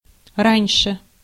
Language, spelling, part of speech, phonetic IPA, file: Russian, раньше, adverb, [ˈranʲʂɨ], Ru-раньше.ogg
- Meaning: earlier, before, in the past